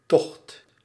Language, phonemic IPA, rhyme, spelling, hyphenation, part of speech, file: Dutch, /tɔxt/, -ɔxt, tocht, tocht, noun, Nl-tocht.ogg
- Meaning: 1. journey, expedition, march 2. draught, air current 3. a small waterway that connects all the other waterways in a polder to a pump, windmill or sluice